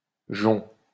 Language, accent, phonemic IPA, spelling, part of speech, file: French, France, /ʒɔ̃/, jonc, noun, LL-Q150 (fra)-jonc.wav
- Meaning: 1. rush, bulrush 2. cane, rattan 3. trim (of a car) 4. bangle, ring 5. gold, object made of gold 6. dick (penis)